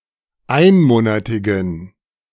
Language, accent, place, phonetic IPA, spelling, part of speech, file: German, Germany, Berlin, [ˈaɪ̯nˌmoːnatɪɡn̩], einmonatigen, adjective, De-einmonatigen.ogg
- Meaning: inflection of einmonatig: 1. strong genitive masculine/neuter singular 2. weak/mixed genitive/dative all-gender singular 3. strong/weak/mixed accusative masculine singular 4. strong dative plural